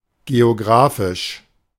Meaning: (adjective) geographical; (adverb) geographically
- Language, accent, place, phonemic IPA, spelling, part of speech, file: German, Germany, Berlin, /ˌɡeoˈɡʁaːfɪʃ/, geografisch, adjective / adverb, De-geografisch.ogg